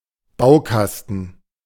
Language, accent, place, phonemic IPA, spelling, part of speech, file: German, Germany, Berlin, /ˈbaʊ̯ˌkastn̩/, Baukasten, noun, De-Baukasten.ogg
- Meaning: toy block; building block